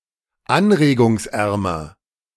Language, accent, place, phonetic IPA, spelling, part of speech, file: German, Germany, Berlin, [ˈanʁeːɡʊŋsˌʔɛʁmɐ], anregungsärmer, adjective, De-anregungsärmer.ogg
- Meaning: comparative degree of anregungsarm